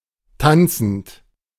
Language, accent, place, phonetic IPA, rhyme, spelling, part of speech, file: German, Germany, Berlin, [ˈtant͡sn̩t], -ant͡sn̩t, tanzend, verb, De-tanzend.ogg
- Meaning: present participle of tanzen